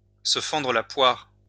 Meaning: to laugh one's head off, to have a good laugh
- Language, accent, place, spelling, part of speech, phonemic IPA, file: French, France, Lyon, se fendre la poire, verb, /sə fɑ̃.dʁə la pwaʁ/, LL-Q150 (fra)-se fendre la poire.wav